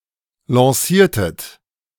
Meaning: inflection of lancieren: 1. second-person plural preterite 2. second-person plural subjunctive II
- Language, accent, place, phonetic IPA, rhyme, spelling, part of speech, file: German, Germany, Berlin, [lɑ̃ˈsiːɐ̯tət], -iːɐ̯tət, lanciertet, verb, De-lanciertet.ogg